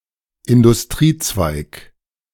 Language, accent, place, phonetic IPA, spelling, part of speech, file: German, Germany, Berlin, [ɪndʊsˈtʁiːˌt͡svaɪ̯k], Industriezweig, noun, De-Industriezweig.ogg
- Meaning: industry